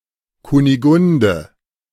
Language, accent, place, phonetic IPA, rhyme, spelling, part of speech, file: German, Germany, Berlin, [kuniˈɡʊndə], -ʊndə, Kunigunde, proper noun, De-Kunigunde.ogg
- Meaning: a female given name of medieval, now rare usage